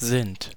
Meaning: 1. first-person plural present of sein 2. second-person polite present of sein 3. third-person plural present of sein
- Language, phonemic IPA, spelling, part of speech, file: German, /zɪnt/, sind, verb, De-sind.ogg